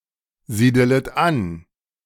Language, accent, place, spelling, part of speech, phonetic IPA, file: German, Germany, Berlin, siedelet an, verb, [ˌziːdələt ˈan], De-siedelet an.ogg
- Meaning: second-person plural subjunctive I of ansiedeln